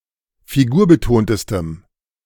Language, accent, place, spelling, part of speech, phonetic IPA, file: German, Germany, Berlin, figurbetontestem, adjective, [fiˈɡuːɐ̯bəˌtoːntəstəm], De-figurbetontestem.ogg
- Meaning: strong dative masculine/neuter singular superlative degree of figurbetont